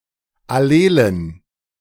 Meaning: inflection of allel: 1. strong genitive masculine/neuter singular 2. weak/mixed genitive/dative all-gender singular 3. strong/weak/mixed accusative masculine singular 4. strong dative plural
- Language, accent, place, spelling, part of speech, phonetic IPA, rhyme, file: German, Germany, Berlin, allelen, adjective, [aˈleːlən], -eːlən, De-allelen.ogg